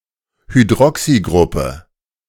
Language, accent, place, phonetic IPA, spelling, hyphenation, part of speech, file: German, Germany, Berlin, [hyˈdʁɔksiˌɡʁʊpə], Hydroxygruppe, Hy‧d‧ro‧xy‧grup‧pe, noun, De-Hydroxygruppe.ogg
- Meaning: hydroxyl group; hydroxyl